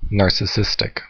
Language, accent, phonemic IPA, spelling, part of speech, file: English, US, /ˌnɑɹ.sɪˈsɪs.tɪk/, narcissistic, adjective / noun, En-us-narcissistic.ogg
- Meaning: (adjective) 1. Of or pertaining to the nature of narcissism 2. Having an inflated idea of one's own importance 3. Obsessed with one's own self image and ego; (noun) A narcissist